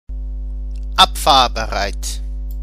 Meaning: ready to leave / depart
- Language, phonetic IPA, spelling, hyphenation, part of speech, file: German, [ˈapfaːɐ̯bəˌʁaɪ̯t], abfahrbereit, ab‧fahr‧be‧reit, adjective, De-abfahrbereit.ogg